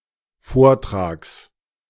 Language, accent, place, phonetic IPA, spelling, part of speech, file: German, Germany, Berlin, [ˈfoːɐ̯ˌtʁaːks], Vortrags, noun, De-Vortrags.ogg
- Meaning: genitive singular of Vortrag